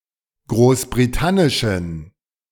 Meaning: inflection of großbritannisch: 1. strong genitive masculine/neuter singular 2. weak/mixed genitive/dative all-gender singular 3. strong/weak/mixed accusative masculine singular 4. strong dative plural
- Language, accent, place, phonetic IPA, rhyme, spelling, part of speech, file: German, Germany, Berlin, [ˌɡʁoːsbʁiˈtanɪʃn̩], -anɪʃn̩, großbritannischen, adjective, De-großbritannischen.ogg